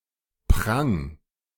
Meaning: 1. imperative singular of prangen 2. first-person singular present of prangen
- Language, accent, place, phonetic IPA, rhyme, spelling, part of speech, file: German, Germany, Berlin, [pʁaŋ], -aŋ, prang, verb, De-prang.ogg